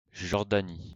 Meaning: Jordan (a country in West Asia in the Middle East)
- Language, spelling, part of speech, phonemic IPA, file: French, Jordanie, proper noun, /ʒɔʁ.da.ni/, LL-Q150 (fra)-Jordanie.wav